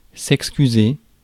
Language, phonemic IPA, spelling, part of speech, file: French, /ɛk.sky.ze/, excuser, verb, Fr-excuser.ogg
- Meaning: to excuse (to forgive, to pardon)